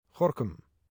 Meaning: Gorinchem (a city and municipality of South Holland, Netherlands)
- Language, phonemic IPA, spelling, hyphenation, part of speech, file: Dutch, /ˈɣɔr.kʏm/, Gorinchem, Go‧rin‧chem, proper noun, 314 Gorinchem.ogg